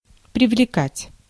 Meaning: to attract, to draw (arouse interest)
- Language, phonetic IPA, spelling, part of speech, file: Russian, [prʲɪvlʲɪˈkatʲ], привлекать, verb, Ru-привлекать.ogg